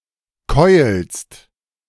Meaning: second-person singular present of keulen
- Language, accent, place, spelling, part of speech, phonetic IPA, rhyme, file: German, Germany, Berlin, keulst, verb, [kɔɪ̯lst], -ɔɪ̯lst, De-keulst.ogg